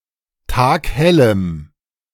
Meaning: strong dative masculine/neuter singular of taghell
- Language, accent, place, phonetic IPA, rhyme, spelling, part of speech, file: German, Germany, Berlin, [ˈtaːkˈhɛləm], -ɛləm, taghellem, adjective, De-taghellem.ogg